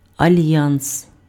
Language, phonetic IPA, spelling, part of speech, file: Ukrainian, [ɐˈlʲjans], альянс, noun, Uk-альянс.ogg
- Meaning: alliance (state of being allied)